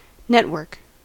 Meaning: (noun) Any interconnected group or system
- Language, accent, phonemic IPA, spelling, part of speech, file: English, US, /ˈnɛt.wɝk/, network, noun / verb, En-us-network.ogg